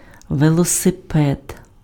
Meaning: bicycle, bike
- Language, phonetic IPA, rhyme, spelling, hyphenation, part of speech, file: Ukrainian, [ʋeɫɔseˈpɛd], -ɛd, велосипед, ве‧ло‧си‧пед, noun, Uk-велосипед.ogg